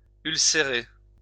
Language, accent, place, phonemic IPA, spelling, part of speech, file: French, France, Lyon, /yl.se.ʁe/, ulcérer, verb, LL-Q150 (fra)-ulcérer.wav
- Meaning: to ulcerate